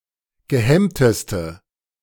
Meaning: inflection of gehemmt: 1. strong/mixed nominative/accusative feminine singular superlative degree 2. strong nominative/accusative plural superlative degree
- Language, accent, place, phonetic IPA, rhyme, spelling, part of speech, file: German, Germany, Berlin, [ɡəˈhɛmtəstə], -ɛmtəstə, gehemmteste, adjective, De-gehemmteste.ogg